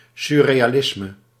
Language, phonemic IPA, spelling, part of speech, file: Dutch, /ˌsʏrejaˈlɪsmə/, surrealisme, noun, Nl-surrealisme.ogg
- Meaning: surrealism